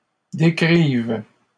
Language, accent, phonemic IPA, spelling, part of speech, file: French, Canada, /de.kʁiv/, décrives, verb, LL-Q150 (fra)-décrives.wav
- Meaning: second-person singular present subjunctive of décrire